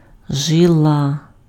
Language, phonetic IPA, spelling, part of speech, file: Ukrainian, [ˈʒɪɫɐ], жила, noun, Uk-жила.ogg
- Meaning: 1. sinew, tendon 2. vein 3. strand